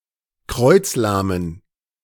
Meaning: inflection of kreuzlahm: 1. strong genitive masculine/neuter singular 2. weak/mixed genitive/dative all-gender singular 3. strong/weak/mixed accusative masculine singular 4. strong dative plural
- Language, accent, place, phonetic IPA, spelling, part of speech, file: German, Germany, Berlin, [ˈkʁɔɪ̯t͡sˌlaːmən], kreuzlahmen, adjective, De-kreuzlahmen.ogg